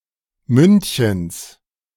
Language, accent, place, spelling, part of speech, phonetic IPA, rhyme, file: German, Germany, Berlin, Mündchens, noun, [ˈmʏntçəns], -ʏntçəns, De-Mündchens.ogg
- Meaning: genitive of Mündchen